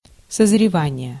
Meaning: 1. ripening (fruit, etc.) 2. maturing, maturation
- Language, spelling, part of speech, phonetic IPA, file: Russian, созревание, noun, [səzrʲɪˈvanʲɪje], Ru-созревание.ogg